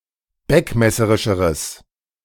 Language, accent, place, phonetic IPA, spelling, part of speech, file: German, Germany, Berlin, [ˈbɛkmɛsəʁɪʃəʁəs], beckmesserischeres, adjective, De-beckmesserischeres.ogg
- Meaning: strong/mixed nominative/accusative neuter singular comparative degree of beckmesserisch